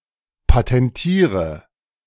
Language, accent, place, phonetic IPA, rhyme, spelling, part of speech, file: German, Germany, Berlin, [patɛnˈtiːʁə], -iːʁə, patentiere, verb, De-patentiere.ogg
- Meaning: inflection of patentieren: 1. first-person singular present 2. singular imperative 3. first/third-person singular subjunctive I